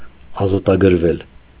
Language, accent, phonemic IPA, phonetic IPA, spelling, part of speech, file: Armenian, Eastern Armenian, /ɑzɑtɑɡəɾˈvel/, [ɑzɑtɑɡəɾvél], ազատագրվել, verb, Hy-ազատագրվել.ogg
- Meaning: mediopassive of ազատագրել (azatagrel)